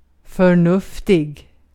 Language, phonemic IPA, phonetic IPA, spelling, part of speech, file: Swedish, /fœrnɵftɪɡ/, [fœ̞ˈɳɵfːtɪɡ], förnuftig, adjective, Sv-förnuftig.ogg
- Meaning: sensible, reasonable, rational